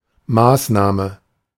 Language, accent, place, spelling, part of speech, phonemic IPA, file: German, Germany, Berlin, Maßnahme, noun, /ˈmaːsnaːmə/, De-Maßnahme.ogg
- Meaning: 1. measure (tactic or strategy) 2. sanction 3. scheme 4. activity 5. method 6. step 7. action 8. device